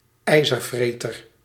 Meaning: 1. a stout-hearted warrior, a miles gloriosus 2. a tough, ruthless or relentless combative person, such as a hawk or a hard-ass
- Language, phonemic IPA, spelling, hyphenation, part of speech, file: Dutch, /ˈɛi̯.zərˌvreː.tər/, ijzervreter, ij‧zer‧vre‧ter, noun, Nl-ijzervreter.ogg